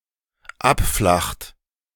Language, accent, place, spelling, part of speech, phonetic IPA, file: German, Germany, Berlin, abflacht, verb, [ˈapˌflaxt], De-abflacht.ogg
- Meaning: inflection of abflachen: 1. third-person singular dependent present 2. second-person plural dependent present